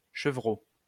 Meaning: 1. kid (young goat) 2. goatskin
- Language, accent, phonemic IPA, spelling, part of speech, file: French, France, /ʃə.vʁo/, chevreau, noun, LL-Q150 (fra)-chevreau.wav